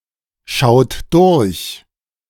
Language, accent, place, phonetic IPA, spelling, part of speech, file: German, Germany, Berlin, [ˌʃaʊ̯t ˈdʊʁç], schaut durch, verb, De-schaut durch.ogg
- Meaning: inflection of durchschauen: 1. third-person singular present 2. second-person plural present 3. plural imperative